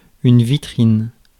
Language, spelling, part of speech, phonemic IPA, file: French, vitrine, noun, /vi.tʁin/, Fr-vitrine.ogg
- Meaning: 1. shop window 2. shopping 3. vitrine (glass-paneled cabinet or case for displaying articles)